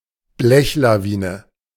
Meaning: a slowly advancing, long, solid line of vehicles due to dense traffic or forced flow; river of metal, stream of cars
- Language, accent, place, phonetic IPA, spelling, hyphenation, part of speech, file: German, Germany, Berlin, [ˈblɛçlaˌviːnə], Blechlawine, Blech‧la‧wi‧ne, noun, De-Blechlawine.ogg